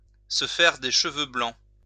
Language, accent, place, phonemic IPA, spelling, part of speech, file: French, France, Lyon, /sə fɛʁ de ʃ(ə).vø blɑ̃/, se faire des cheveux blancs, verb, LL-Q150 (fra)-se faire des cheveux blancs.wav
- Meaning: to tie oneself in knots, to worry oneself sick